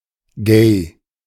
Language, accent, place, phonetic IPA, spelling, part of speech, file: German, Germany, Berlin, [ɡɛɪ̯], gay, adjective, De-gay.ogg
- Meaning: gay